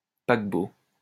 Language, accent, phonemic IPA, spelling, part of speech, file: French, France, /pak.bo/, paquebot, noun, LL-Q150 (fra)-paquebot.wav
- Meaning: ship, liner